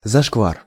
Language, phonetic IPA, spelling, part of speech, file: Russian, [zɐʂkˈvar], зашквар, noun, Ru-зашквар.ogg
- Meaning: shameful act, act of disrespect